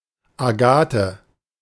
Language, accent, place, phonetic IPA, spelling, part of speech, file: German, Germany, Berlin, [aˈɡaːtə], Agathe, proper noun, De-Agathe.ogg
- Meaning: a female given name, equivalent to English Agatha